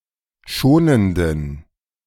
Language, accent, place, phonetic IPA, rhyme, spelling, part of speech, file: German, Germany, Berlin, [ˈʃoːnəndn̩], -oːnəndn̩, schonenden, adjective, De-schonenden.ogg
- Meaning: inflection of schonend: 1. strong genitive masculine/neuter singular 2. weak/mixed genitive/dative all-gender singular 3. strong/weak/mixed accusative masculine singular 4. strong dative plural